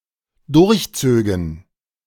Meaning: first/third-person plural dependent subjunctive II of durchziehen
- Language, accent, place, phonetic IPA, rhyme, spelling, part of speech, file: German, Germany, Berlin, [ˌdʊʁçˈt͡søːɡn̩], -øːɡn̩, durchzögen, verb, De-durchzögen.ogg